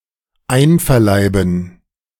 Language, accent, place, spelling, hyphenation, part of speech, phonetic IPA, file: German, Germany, Berlin, einverleiben, ein‧ver‧lei‧ben, verb, [ˈaɪ̯nfɛɐ̯ˌlaɪ̯bn̩], De-einverleiben.ogg
- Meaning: 1. to incorporate 2. to eat